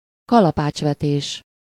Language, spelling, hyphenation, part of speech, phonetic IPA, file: Hungarian, kalapácsvetés, ka‧la‧pács‧ve‧tés, noun, [ˈkɒlɒpaːt͡ʃvɛteːʃ], Hu-kalapácsvetés.ogg
- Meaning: hammer throw